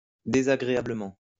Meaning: unpleasantly, disagreeably
- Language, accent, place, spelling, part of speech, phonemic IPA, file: French, France, Lyon, désagréablement, adverb, /de.za.ɡʁe.a.blə.mɑ̃/, LL-Q150 (fra)-désagréablement.wav